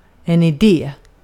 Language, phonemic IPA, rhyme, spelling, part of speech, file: Swedish, /ɪˈdeː/, -eː, idé, noun, Sv-idé.ogg
- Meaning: 1. an idea 2. a point; sense (usually in questions and negated phrases)